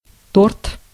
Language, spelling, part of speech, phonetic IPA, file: Russian, торт, noun, [tort], Ru-торт.ogg
- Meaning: cake, torte